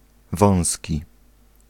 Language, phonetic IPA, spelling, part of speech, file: Polish, [ˈvɔ̃w̃sʲci], wąski, adjective, Pl-wąski.ogg